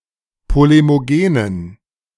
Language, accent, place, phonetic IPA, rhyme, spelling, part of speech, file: German, Germany, Berlin, [ˌpolemoˈɡeːnən], -eːnən, polemogenen, adjective, De-polemogenen.ogg
- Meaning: inflection of polemogen: 1. strong genitive masculine/neuter singular 2. weak/mixed genitive/dative all-gender singular 3. strong/weak/mixed accusative masculine singular 4. strong dative plural